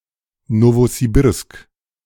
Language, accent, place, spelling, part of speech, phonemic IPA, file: German, Germany, Berlin, Nowosibirsk, proper noun, /ˌnovoziˈbɪʁsk/, De-Nowosibirsk.ogg
- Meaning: 1. Novosibirsk (an oblast of Russia) 2. Novosibirsk (a city, the administrative center of Novosibirsk Oblast, Russia)